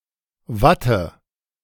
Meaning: cotton wool
- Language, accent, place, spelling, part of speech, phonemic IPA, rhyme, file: German, Germany, Berlin, Watte, noun, /ˈvatə/, -atə, De-Watte.ogg